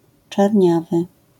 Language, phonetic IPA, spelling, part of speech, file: Polish, [t͡ʃarʲˈɲavɨ], czarniawy, adjective, LL-Q809 (pol)-czarniawy.wav